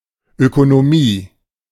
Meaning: 1. economy 2. economics
- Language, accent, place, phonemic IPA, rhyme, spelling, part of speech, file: German, Germany, Berlin, /ˌøkonoˈmiː/, -iː, Ökonomie, noun, De-Ökonomie.ogg